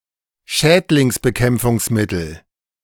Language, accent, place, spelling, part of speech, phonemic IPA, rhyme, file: German, Germany, Berlin, Schädlingsbekämpfungsmittel, noun, /ˈʃɛːdlɪŋsˌbəˌkɛmpfʊŋsˌmɪtl̩/, -ɪtl̩, De-Schädlingsbekämpfungsmittel.ogg
- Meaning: pesticide, biocide